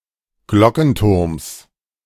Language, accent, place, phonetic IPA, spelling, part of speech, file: German, Germany, Berlin, [ˈɡlɔkn̩ˌtʊʁms], Glockenturms, noun, De-Glockenturms.ogg
- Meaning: genitive singular of Glockenturm